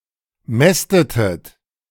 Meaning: inflection of mästen: 1. second-person plural preterite 2. second-person plural subjunctive II
- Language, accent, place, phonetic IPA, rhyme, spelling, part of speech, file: German, Germany, Berlin, [ˈmɛstətət], -ɛstətət, mästetet, verb, De-mästetet.ogg